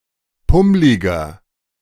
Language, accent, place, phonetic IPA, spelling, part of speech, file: German, Germany, Berlin, [ˈpʊmlɪɡɐ], pummliger, adjective, De-pummliger.ogg
- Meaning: 1. comparative degree of pummlig 2. inflection of pummlig: strong/mixed nominative masculine singular 3. inflection of pummlig: strong genitive/dative feminine singular